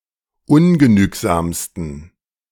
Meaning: 1. superlative degree of ungenügsam 2. inflection of ungenügsam: strong genitive masculine/neuter singular superlative degree
- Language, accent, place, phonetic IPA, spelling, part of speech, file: German, Germany, Berlin, [ˈʊnɡəˌnyːkzaːmstn̩], ungenügsamsten, adjective, De-ungenügsamsten.ogg